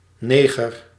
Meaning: a black person, a Negro (male or of unspecified gender)
- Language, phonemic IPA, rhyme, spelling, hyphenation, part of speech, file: Dutch, /ˈneː.ɣər/, -eːɣər, neger, ne‧ger, noun, Nl-neger.ogg